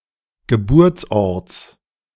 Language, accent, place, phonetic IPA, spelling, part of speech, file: German, Germany, Berlin, [ɡəˈbuːɐ̯t͡sˌʔɔʁt͡s], Geburtsorts, noun, De-Geburtsorts.ogg
- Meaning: genitive singular of Geburtsort